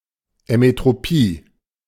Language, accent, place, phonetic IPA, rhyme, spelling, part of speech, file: German, Germany, Berlin, [ɛmetʁoˈpiː], -iː, Emmetropie, noun, De-Emmetropie.ogg
- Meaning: emmetropia